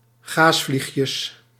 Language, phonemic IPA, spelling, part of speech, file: Dutch, /ˈɣasflixjəs/, gaasvliegjes, noun, Nl-gaasvliegjes.ogg
- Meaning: plural of gaasvliegje